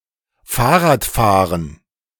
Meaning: cycling
- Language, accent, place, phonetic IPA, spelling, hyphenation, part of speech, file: German, Germany, Berlin, [ˈfaːɐ̯ʁaːtˌfaːʁən], Fahrradfahren, Fahr‧rad‧fah‧ren, noun, De-Fahrradfahren.ogg